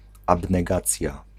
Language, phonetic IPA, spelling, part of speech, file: Polish, [ˌabnɛˈɡat͡sʲja], abnegacja, noun, Pl-abnegacja.ogg